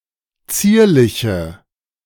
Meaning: inflection of zierlich: 1. strong/mixed nominative/accusative feminine singular 2. strong nominative/accusative plural 3. weak nominative all-gender singular
- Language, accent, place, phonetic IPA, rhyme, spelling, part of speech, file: German, Germany, Berlin, [ˈt͡siːɐ̯lɪçə], -iːɐ̯lɪçə, zierliche, adjective, De-zierliche.ogg